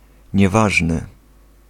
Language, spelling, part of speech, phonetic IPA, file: Polish, nieważny, adjective, [ɲɛˈvaʒnɨ], Pl-nieważny.ogg